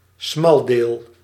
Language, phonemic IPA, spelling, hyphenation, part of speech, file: Dutch, /ˈsmɑl.deːl/, smaldeel, smal‧deel, noun, Nl-smaldeel.ogg
- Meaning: 1. squadron or naval division (group of ships, belonging to a fleet or flotilla) 2. subdivision of (or faction inside) an organisation or body